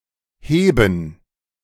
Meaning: 1. to lift; to raise 2. to heave; to hoist 3. to rise; to lift
- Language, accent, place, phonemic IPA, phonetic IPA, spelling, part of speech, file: German, Germany, Berlin, /ˈheːbən/, [ˈheːbm̩], heben, verb, De-heben.ogg